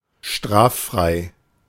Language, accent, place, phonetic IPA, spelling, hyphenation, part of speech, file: German, Germany, Berlin, [ˈʃtʁaːffʁaɪ̯], straffrei, straf‧frei, adjective, De-straffrei.ogg
- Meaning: 1. exempt from punishment, scot-free 2. not subject to prosecution